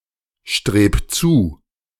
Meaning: 1. singular imperative of zustreben 2. first-person singular present of zustreben
- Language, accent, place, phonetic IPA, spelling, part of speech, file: German, Germany, Berlin, [ˌʃtʁeːp ˈt͡suː], streb zu, verb, De-streb zu.ogg